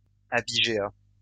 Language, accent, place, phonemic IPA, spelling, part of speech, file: French, France, Lyon, /a.bi.ʒe.a/, abigéat, noun, LL-Q150 (fra)-abigéat.wav
- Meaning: abigeat